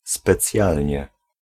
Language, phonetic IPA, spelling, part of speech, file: Polish, [spɛˈt͡sʲjalʲɲɛ], specjalnie, adverb, Pl-specjalnie.ogg